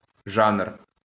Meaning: genre
- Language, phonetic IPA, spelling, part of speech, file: Ukrainian, [ʒanr], жанр, noun, LL-Q8798 (ukr)-жанр.wav